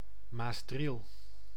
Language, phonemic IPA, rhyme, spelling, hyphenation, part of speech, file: Dutch, /maːsˈdril/, -il, Maasdriel, Maas‧driel, proper noun, Nl-Maasdriel.ogg
- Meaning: Maasdriel (a municipality of Gelderland, Netherlands)